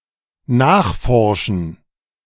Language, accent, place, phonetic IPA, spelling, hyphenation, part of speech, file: German, Germany, Berlin, [ˈnaːχˌfɔʁʃn̩], nachforschen, nach‧for‧schen, verb, De-nachforschen.ogg
- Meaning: 1. to investigate 2. to inquire